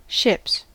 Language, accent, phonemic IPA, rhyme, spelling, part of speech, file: English, US, /ʃɪps/, -ɪps, ships, noun / verb, En-us-ships.ogg
- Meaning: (noun) plural of ship; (verb) third-person singular simple present indicative of ship